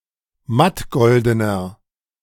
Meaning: inflection of mattgolden: 1. strong/mixed nominative masculine singular 2. strong genitive/dative feminine singular 3. strong genitive plural
- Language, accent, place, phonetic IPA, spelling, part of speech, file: German, Germany, Berlin, [ˈmatˌɡɔldənɐ], mattgoldener, adjective, De-mattgoldener.ogg